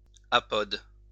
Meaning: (adjective) legless, limbless; apodal, apodous; without limbs, feet, paws, etc.: lacking limbs, (by extension) having highly devolved vestigial limbs (of a lifeform)
- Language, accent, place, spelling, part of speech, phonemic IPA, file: French, France, Lyon, apode, adjective / noun, /a.pɔd/, LL-Q150 (fra)-apode.wav